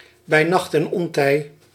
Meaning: at unusual times
- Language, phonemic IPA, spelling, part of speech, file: Dutch, /bɛi̯ ˈnɑxt ɛn ˈɔn.tɛi̯/, bij nacht en ontij, phrase, Nl-bij nacht en ontij.ogg